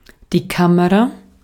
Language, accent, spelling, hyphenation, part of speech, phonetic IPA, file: German, Austria, Kamera, Ka‧me‧ra, noun, [ˈkaməʁa], De-at-Kamera.ogg
- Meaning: camera (device for taking photographs or filming)